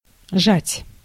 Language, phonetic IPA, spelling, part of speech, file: Russian, [ʐatʲ], жать, verb, Ru-жать.ogg
- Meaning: 1. to press, to squeeze 2. to benchpress, to lift 3. to pinch, to hurt, to be tight 4. to press out, to squeeze out 5. to oppress, to draw near 6. to reap, to crop